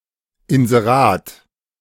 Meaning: advertisement
- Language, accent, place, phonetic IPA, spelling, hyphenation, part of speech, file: German, Germany, Berlin, [ɪnzeˈʁaːt], Inserat, In‧se‧rat, noun, De-Inserat.ogg